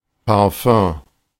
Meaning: alternative form of Parfüm
- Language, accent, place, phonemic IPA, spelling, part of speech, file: German, Germany, Berlin, /paʁˈfœ̃ː/, Parfum, noun, De-Parfum.ogg